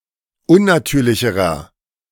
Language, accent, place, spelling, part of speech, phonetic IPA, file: German, Germany, Berlin, unnatürlicherer, adjective, [ˈʊnnaˌtyːɐ̯lɪçəʁɐ], De-unnatürlicherer.ogg
- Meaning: inflection of unnatürlich: 1. strong/mixed nominative masculine singular comparative degree 2. strong genitive/dative feminine singular comparative degree 3. strong genitive plural comparative degree